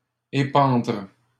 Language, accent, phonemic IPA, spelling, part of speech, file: French, Canada, /e.pɑ̃dʁ/, épandre, verb, LL-Q150 (fra)-épandre.wav
- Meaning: to discharge, pour